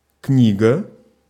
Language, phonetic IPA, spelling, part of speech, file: Russian, [ˈknʲiɡə], книга, noun, Ru-книга.ogg
- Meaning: book